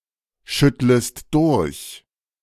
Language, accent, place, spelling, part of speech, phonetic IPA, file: German, Germany, Berlin, schüttlest durch, verb, [ˌʃʏtləst ˈdʊʁç], De-schüttlest durch.ogg
- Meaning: second-person singular subjunctive I of durchschütteln